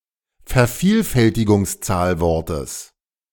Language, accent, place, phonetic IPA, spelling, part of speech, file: German, Germany, Berlin, [fɛɐ̯ˈfiːlfɛltɪɡʊŋsˌt͡saːlvɔʁtəs], Vervielfältigungszahlwortes, noun, De-Vervielfältigungszahlwortes.ogg
- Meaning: genitive singular of Vervielfältigungszahlwort